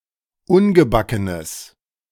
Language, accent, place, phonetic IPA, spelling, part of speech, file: German, Germany, Berlin, [ˈʊnɡəˌbakənəs], ungebackenes, adjective, De-ungebackenes.ogg
- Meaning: strong/mixed nominative/accusative neuter singular of ungebacken